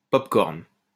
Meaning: popcorn
- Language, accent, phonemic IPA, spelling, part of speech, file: French, France, /pɔp.kɔʁn/, pop-corn, noun, LL-Q150 (fra)-pop-corn.wav